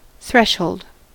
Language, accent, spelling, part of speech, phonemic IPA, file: English, US, threshold, noun, /ˈθɹɛ.ʃoʊld/, En-us-threshold.ogg
- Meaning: 1. The lowermost part of a doorway that one crosses to enter; a sill 2. An entrance; the door or gate of a house 3. Any end or boundary